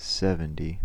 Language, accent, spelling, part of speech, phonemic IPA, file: English, US, seventy, numeral, /ˈsɛv.ən.di/, En-us-seventy.ogg
- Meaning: The cardinal number occurring after sixty-nine and before seventy-one, represented in Roman numerals as LXX and in Arabic numerals as 70